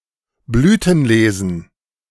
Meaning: plural of Blütenlese
- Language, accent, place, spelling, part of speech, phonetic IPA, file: German, Germany, Berlin, Blütenlesen, noun, [ˈblyːtn̩ˌleːzn̩], De-Blütenlesen.ogg